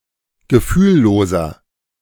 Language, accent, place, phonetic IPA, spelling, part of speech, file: German, Germany, Berlin, [ɡəˈfyːlˌloːzɐ], gefühlloser, adjective, De-gefühlloser.ogg
- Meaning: 1. comparative degree of gefühllos 2. inflection of gefühllos: strong/mixed nominative masculine singular 3. inflection of gefühllos: strong genitive/dative feminine singular